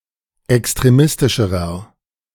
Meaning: inflection of extremistisch: 1. strong/mixed nominative masculine singular comparative degree 2. strong genitive/dative feminine singular comparative degree
- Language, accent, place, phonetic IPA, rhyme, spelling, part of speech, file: German, Germany, Berlin, [ɛkstʁeˈmɪstɪʃəʁɐ], -ɪstɪʃəʁɐ, extremistischerer, adjective, De-extremistischerer.ogg